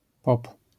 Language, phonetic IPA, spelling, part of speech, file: Polish, [pɔp], pop, noun / adjective, LL-Q809 (pol)-pop.wav